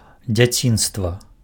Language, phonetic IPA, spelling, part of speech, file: Belarusian, [d͡zʲaˈt͡sʲinstva], дзяцінства, noun, Be-дзяцінства.ogg
- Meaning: childhood